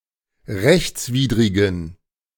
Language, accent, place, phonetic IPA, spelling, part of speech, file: German, Germany, Berlin, [ˈʁɛçt͡sˌviːdʁɪɡn̩], rechtswidrigen, adjective, De-rechtswidrigen.ogg
- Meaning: inflection of rechtswidrig: 1. strong genitive masculine/neuter singular 2. weak/mixed genitive/dative all-gender singular 3. strong/weak/mixed accusative masculine singular 4. strong dative plural